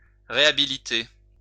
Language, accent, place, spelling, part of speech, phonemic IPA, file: French, France, Lyon, réhabiliter, verb, /ʁe.a.bi.li.te/, LL-Q150 (fra)-réhabiliter.wav
- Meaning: to rehabilitate